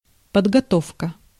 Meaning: 1. preparation 2. training 3. grounding, schooling 4. skill, knowledge
- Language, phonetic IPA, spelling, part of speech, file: Russian, [pədɡɐˈtofkə], подготовка, noun, Ru-подготовка.ogg